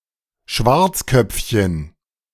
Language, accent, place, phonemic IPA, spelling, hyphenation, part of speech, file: German, Germany, Berlin, /ˈʃvartsˌkœp͡fçən/, Schwarzköpfchen, Schwarz‧köpf‧chen, noun, De-Schwarzköpfchen.ogg
- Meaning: diminutive of Schwarzkopf